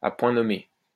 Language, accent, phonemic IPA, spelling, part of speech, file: French, France, /a pwɛ̃ nɔ.me/, à point nommé, adverb, LL-Q150 (fra)-à point nommé.wav
- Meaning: at just the right moment, in a timely fashion, just when needed